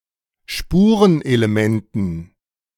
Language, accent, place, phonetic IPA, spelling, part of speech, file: German, Germany, Berlin, [ˈʃpuːʁənʔeleˌmɛntn̩], Spurenelementen, noun, De-Spurenelementen.ogg
- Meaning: dative plural of Spurenelement